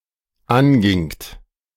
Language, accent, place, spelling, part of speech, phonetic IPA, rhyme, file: German, Germany, Berlin, angingt, verb, [ˈanɡɪŋt], -anɡɪŋt, De-angingt.ogg
- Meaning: second-person plural dependent preterite of angehen